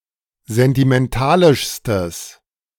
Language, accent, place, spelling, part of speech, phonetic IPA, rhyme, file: German, Germany, Berlin, sentimentalischstes, adjective, [zɛntimɛnˈtaːlɪʃstəs], -aːlɪʃstəs, De-sentimentalischstes.ogg
- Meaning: strong/mixed nominative/accusative neuter singular superlative degree of sentimentalisch